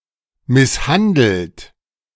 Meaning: 1. past participle of misshandeln 2. inflection of misshandeln: third-person singular present 3. inflection of misshandeln: second-person plural present 4. inflection of misshandeln: plural imperative
- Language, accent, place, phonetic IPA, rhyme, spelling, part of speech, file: German, Germany, Berlin, [ˌmɪsˈhandl̩t], -andl̩t, misshandelt, verb, De-misshandelt.ogg